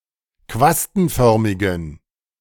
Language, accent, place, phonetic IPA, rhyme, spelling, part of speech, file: German, Germany, Berlin, [ˈkvastn̩ˌfœʁmɪɡn̩], -astn̩fœʁmɪɡn̩, quastenförmigen, adjective, De-quastenförmigen.ogg
- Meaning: inflection of quastenförmig: 1. strong genitive masculine/neuter singular 2. weak/mixed genitive/dative all-gender singular 3. strong/weak/mixed accusative masculine singular 4. strong dative plural